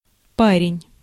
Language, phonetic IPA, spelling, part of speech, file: Russian, [ˈparʲɪnʲ], парень, noun, Ru-парень.ogg
- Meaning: 1. fellow, lad, chap, guy, bloke, boy 2. boyfriend